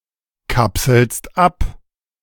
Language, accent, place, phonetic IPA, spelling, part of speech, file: German, Germany, Berlin, [ˌkapsl̩st ˈap], kapselst ab, verb, De-kapselst ab.ogg
- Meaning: second-person singular present of abkapseln